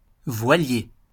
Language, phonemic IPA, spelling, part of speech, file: French, /vwa.lje/, voilier, noun, LL-Q150 (fra)-voilier.wav
- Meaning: 1. sailboat (a boat propelled by sails) 2. sailfish 3. sailmaker (profession)